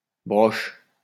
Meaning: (noun) plural of broche; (verb) second-person singular present indicative/subjunctive of brocher
- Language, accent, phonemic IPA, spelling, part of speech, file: French, France, /bʁɔʃ/, broches, noun / verb, LL-Q150 (fra)-broches.wav